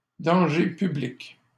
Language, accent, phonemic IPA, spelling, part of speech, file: French, Canada, /dɑ̃.ʒe py.blik/, danger public, noun, LL-Q150 (fra)-danger public.wav
- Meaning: 1. danger to the public, danger to everybody, public menace 2. danger to the public, danger to everybody, public menace: reckless driver